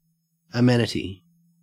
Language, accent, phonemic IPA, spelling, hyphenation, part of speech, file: English, Australia, /əˈmɛnəti/, amenity, a‧me‧ni‧ty, noun, En-au-amenity.ogg
- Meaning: 1. Pleasantness 2. Convenience 3. A unit pertaining to the infrastructure of a community, such as a public toilet, a postbox, a library, among others